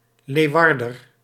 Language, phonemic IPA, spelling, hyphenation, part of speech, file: Dutch, /ˈleːu̯ˌ(ʋ)ɑr.dər/, Leeuwarder, Leeu‧war‧der, noun / adjective, Nl-Leeuwarder.ogg
- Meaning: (noun) an inhabitant of Leeuwarden; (adjective) of or relating to Leeuwarden